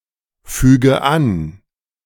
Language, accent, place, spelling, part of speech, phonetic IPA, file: German, Germany, Berlin, füge an, verb, [ˌfyːɡə ˈan], De-füge an.ogg
- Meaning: inflection of anfügen: 1. first-person singular present 2. first/third-person singular subjunctive I 3. singular imperative